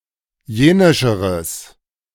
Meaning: strong/mixed nominative/accusative neuter singular comparative degree of jenisch
- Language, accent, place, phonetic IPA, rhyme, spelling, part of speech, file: German, Germany, Berlin, [ˈjeːnɪʃəʁəs], -eːnɪʃəʁəs, jenischeres, adjective, De-jenischeres.ogg